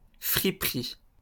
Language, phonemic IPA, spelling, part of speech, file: French, /fʁi.pʁi/, friperie, noun, LL-Q150 (fra)-friperie.wav
- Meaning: 1. used clothes 2. second-hand shop